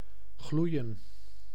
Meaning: to glow
- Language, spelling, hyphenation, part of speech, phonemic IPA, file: Dutch, gloeien, gloe‧ien, verb, /ˈɣlui̯ə(n)/, Nl-gloeien.ogg